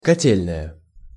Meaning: boiler room, boiler house
- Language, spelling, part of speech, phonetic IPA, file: Russian, котельная, noun, [kɐˈtʲelʲnəjə], Ru-котельная.ogg